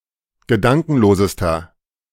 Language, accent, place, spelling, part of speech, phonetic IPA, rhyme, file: German, Germany, Berlin, gedankenlosester, adjective, [ɡəˈdaŋkn̩loːzəstɐ], -aŋkn̩loːzəstɐ, De-gedankenlosester.ogg
- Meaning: inflection of gedankenlos: 1. strong/mixed nominative masculine singular superlative degree 2. strong genitive/dative feminine singular superlative degree 3. strong genitive plural superlative degree